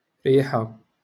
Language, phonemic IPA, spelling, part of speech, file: Moroccan Arabic, /riː.ħa/, ريحة, noun, LL-Q56426 (ary)-ريحة.wav
- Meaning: 1. smell, scent; odor 2. perfume